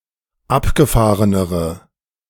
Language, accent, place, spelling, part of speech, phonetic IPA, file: German, Germany, Berlin, abgefahrenere, adjective, [ˈapɡəˌfaːʁənəʁə], De-abgefahrenere.ogg
- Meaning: inflection of abgefahren: 1. strong/mixed nominative/accusative feminine singular comparative degree 2. strong nominative/accusative plural comparative degree